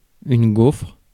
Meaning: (noun) 1. honeycomb 2. waffle (flat pastry) 3. gopher; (verb) inflection of gaufrer: 1. first/third-person singular present indicative/subjunctive 2. second-person singular imperative
- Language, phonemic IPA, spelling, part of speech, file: French, /ɡofʁ/, gaufre, noun / verb, Fr-gaufre.ogg